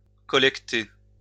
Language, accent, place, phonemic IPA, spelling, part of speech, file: French, France, Lyon, /kɔ.lɛk.te/, collecter, verb, LL-Q150 (fra)-collecter.wav
- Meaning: to collect, to gather